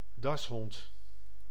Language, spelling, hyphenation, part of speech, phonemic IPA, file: Dutch, dashond, das‧hond, noun, /ˈdɑsɦɔnt/, Nl-dashond.ogg
- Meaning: synonym of teckel (“dachshund”)